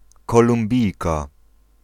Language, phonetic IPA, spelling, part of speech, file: Polish, [ˌkɔlũmˈbʲijka], Kolumbijka, noun, Pl-Kolumbijka.ogg